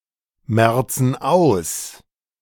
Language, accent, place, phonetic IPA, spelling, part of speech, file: German, Germany, Berlin, [ˌmɛʁt͡sn̩ ˈaʊ̯s], merzen aus, verb, De-merzen aus.ogg
- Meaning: inflection of ausmerzen: 1. first/third-person plural present 2. first/third-person plural subjunctive I